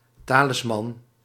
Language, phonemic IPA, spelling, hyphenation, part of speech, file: Dutch, /ˈtaː.lɪsˌmɑn/, talisman, ta‧lis‧man, noun, Nl-talisman.ogg
- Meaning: talisman, amulet